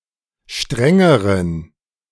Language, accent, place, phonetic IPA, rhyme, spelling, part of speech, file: German, Germany, Berlin, [ˈʃtʁɛŋəʁən], -ɛŋəʁən, strengeren, adjective, De-strengeren.ogg
- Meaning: inflection of streng: 1. strong genitive masculine/neuter singular comparative degree 2. weak/mixed genitive/dative all-gender singular comparative degree